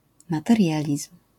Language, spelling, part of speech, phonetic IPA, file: Polish, materializm, noun, [ˌmatɛrʲˈjalʲism̥], LL-Q809 (pol)-materializm.wav